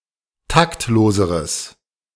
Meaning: strong/mixed nominative/accusative neuter singular comparative degree of taktlos
- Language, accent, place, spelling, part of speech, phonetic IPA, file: German, Germany, Berlin, taktloseres, adjective, [ˈtaktˌloːzəʁəs], De-taktloseres.ogg